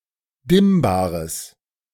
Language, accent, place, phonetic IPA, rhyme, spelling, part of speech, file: German, Germany, Berlin, [ˈdɪmbaːʁəs], -ɪmbaːʁəs, dimmbares, adjective, De-dimmbares.ogg
- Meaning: strong/mixed nominative/accusative neuter singular of dimmbar